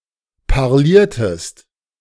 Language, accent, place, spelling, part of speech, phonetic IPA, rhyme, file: German, Germany, Berlin, parliertest, verb, [paʁˈliːɐ̯təst], -iːɐ̯təst, De-parliertest.ogg
- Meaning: inflection of parlieren: 1. second-person singular preterite 2. second-person singular subjunctive II